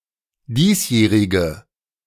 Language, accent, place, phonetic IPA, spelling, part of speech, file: German, Germany, Berlin, [ˈdiːsˌjɛːʁɪɡə], diesjährige, adjective, De-diesjährige.ogg
- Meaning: inflection of diesjährig: 1. strong/mixed nominative/accusative feminine singular 2. strong nominative/accusative plural 3. weak nominative all-gender singular